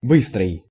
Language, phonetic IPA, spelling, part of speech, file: Russian, [ˈbɨstrɨj], быстрый, adjective, Ru-быстрый.ogg
- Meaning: fast, quick, speedy, rapid